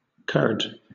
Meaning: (noun) The coagulated part of any liquid.: 1. The part of milk that coagulates when it sours or is treated with enzymes; used to make cottage cheese, dahi, etc 2. Dahi
- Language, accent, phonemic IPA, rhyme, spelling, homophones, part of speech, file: English, Southern England, /kɜː(ɹ)d/, -ɜː(ɹ)d, curd, Kurd, noun / verb, LL-Q1860 (eng)-curd.wav